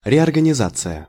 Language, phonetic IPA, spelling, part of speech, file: Russian, [rʲɪərɡənʲɪˈzat͡sɨjə], реорганизация, noun, Ru-реорганизация.ogg
- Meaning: reorganization